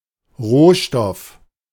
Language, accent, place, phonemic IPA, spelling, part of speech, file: German, Germany, Berlin, /ˈʁoːʃtɔf/, Rohstoff, noun, De-Rohstoff.ogg
- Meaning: 1. raw material, material 2. resource 3. commodity